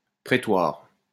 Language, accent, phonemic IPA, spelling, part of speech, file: French, France, /pʁe.twaʁ/, prétoire, noun, LL-Q150 (fra)-prétoire.wav
- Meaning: court